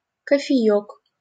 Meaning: diminutive of ко́фе (kófe)
- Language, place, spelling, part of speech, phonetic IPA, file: Russian, Saint Petersburg, кофеёк, noun, [kəfʲɪˈjɵk], LL-Q7737 (rus)-кофеёк.wav